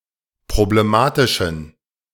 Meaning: inflection of problematisch: 1. strong genitive masculine/neuter singular 2. weak/mixed genitive/dative all-gender singular 3. strong/weak/mixed accusative masculine singular 4. strong dative plural
- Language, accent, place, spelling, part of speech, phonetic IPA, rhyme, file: German, Germany, Berlin, problematischen, adjective, [pʁobleˈmaːtɪʃn̩], -aːtɪʃn̩, De-problematischen.ogg